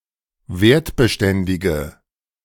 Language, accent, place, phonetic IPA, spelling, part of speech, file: German, Germany, Berlin, [ˈveːɐ̯tbəˌʃtɛndɪɡə], wertbeständige, adjective, De-wertbeständige.ogg
- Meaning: inflection of wertbeständig: 1. strong/mixed nominative/accusative feminine singular 2. strong nominative/accusative plural 3. weak nominative all-gender singular